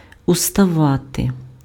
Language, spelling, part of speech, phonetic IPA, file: Ukrainian, уставати, verb, [ʊstɐˈʋate], Uk-уставати.ogg
- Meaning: to stand up, to get up, to rise